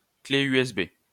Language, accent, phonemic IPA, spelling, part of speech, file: French, France, /kle y.ɛs.be/, clé USB, noun, LL-Q150 (fra)-clé USB.wav
- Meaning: USB flash drive